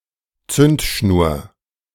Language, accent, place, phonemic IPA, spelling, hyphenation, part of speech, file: German, Germany, Berlin, /ˈt͡sʏntˌʃnuːɐ̯/, Zündschnur, Zünd‧schnur, noun, De-Zündschnur.ogg
- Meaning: fuse (explosives ignition mechanism)